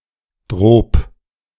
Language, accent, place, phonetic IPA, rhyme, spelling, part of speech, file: German, Germany, Berlin, [dʁɔp], -ɔp, drob, adverb, De-drob.ogg
- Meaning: alternative form of darob